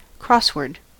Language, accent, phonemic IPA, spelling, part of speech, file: English, US, /ˈkɹɒswɜː(ɹ)d/, crossword, noun, En-us-crossword.ogg
- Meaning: 1. A word puzzle in which interlocking words are entered usually horizontally and vertically into a grid based on clues given for each word 2. The grid of such a puzzle